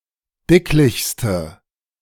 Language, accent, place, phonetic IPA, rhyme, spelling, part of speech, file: German, Germany, Berlin, [ˈdɪklɪçstə], -ɪklɪçstə, dicklichste, adjective, De-dicklichste.ogg
- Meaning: inflection of dicklich: 1. strong/mixed nominative/accusative feminine singular superlative degree 2. strong nominative/accusative plural superlative degree